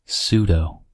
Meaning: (noun) 1. An intellectually pretentious person; a pseudointellectual 2. A poseur; one who is fake 3. pseudo-city code 4. A pseudonym; a false name used for online anonymity 5. Short for pseudoelement
- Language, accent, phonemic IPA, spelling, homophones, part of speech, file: English, US, /ˈsuːdoʊ/, pseudo, sudo, noun / adjective, En-us-pseudo.ogg